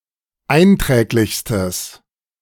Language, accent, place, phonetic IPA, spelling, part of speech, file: German, Germany, Berlin, [ˈaɪ̯nˌtʁɛːklɪçstəs], einträglichstes, adjective, De-einträglichstes.ogg
- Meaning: strong/mixed nominative/accusative neuter singular superlative degree of einträglich